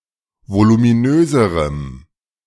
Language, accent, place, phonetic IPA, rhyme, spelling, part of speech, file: German, Germany, Berlin, [volumiˈnøːzəʁəm], -øːzəʁəm, voluminöserem, adjective, De-voluminöserem.ogg
- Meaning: strong dative masculine/neuter singular comparative degree of voluminös